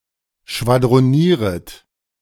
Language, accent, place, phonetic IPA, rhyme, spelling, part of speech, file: German, Germany, Berlin, [ʃvadʁoˈniːʁət], -iːʁət, schwadronieret, verb, De-schwadronieret.ogg
- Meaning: second-person plural subjunctive I of schwadronieren